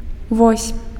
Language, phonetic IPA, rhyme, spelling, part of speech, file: Belarusian, [vosʲ], -osʲ, вось, noun / particle, Be-вось.ogg
- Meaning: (noun) 1. axis 2. axle; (particle) 1. here (is), this (is), there (is), that (is) (directing attention towards something) 2. what a, such a (expressing emphasis or strong emotion)